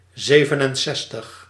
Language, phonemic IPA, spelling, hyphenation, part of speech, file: Dutch, /ˈzeːvənənˌsɛstəx/, zevenenzestig, ze‧ven‧en‧zes‧tig, numeral, Nl-zevenenzestig.ogg
- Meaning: sixty-seven